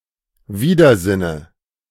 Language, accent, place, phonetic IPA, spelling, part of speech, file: German, Germany, Berlin, [ˈviːdɐˌzɪnə], Widersinne, noun, De-Widersinne.ogg
- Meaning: dative of Widersinn